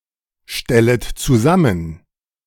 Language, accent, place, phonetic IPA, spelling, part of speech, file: German, Germany, Berlin, [ˌʃtɛlət t͡suˈzamən], stellet zusammen, verb, De-stellet zusammen.ogg
- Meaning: second-person plural subjunctive I of zusammenstellen